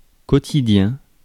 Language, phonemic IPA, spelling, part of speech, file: French, /kɔ.ti.djɛ̃/, quotidien, adjective / noun, Fr-quotidien.ogg
- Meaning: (adjective) daily; everyday, quotidian, commonplace, mundane; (noun) 1. a daily, a daily paper: a newspaper that is published daily 2. everyday life